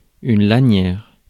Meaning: 1. a strap, lanyard 2. a strip
- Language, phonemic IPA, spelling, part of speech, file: French, /la.njɛʁ/, lanière, noun, Fr-lanière.ogg